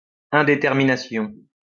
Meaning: indecision, indecisiveness
- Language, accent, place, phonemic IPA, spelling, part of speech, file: French, France, Lyon, /ɛ̃.de.tɛʁ.mi.na.sjɔ̃/, indétermination, noun, LL-Q150 (fra)-indétermination.wav